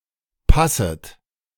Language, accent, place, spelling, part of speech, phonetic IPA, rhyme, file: German, Germany, Berlin, passet, verb, [ˈpasət], -asət, De-passet.ogg
- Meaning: second-person plural subjunctive I of passen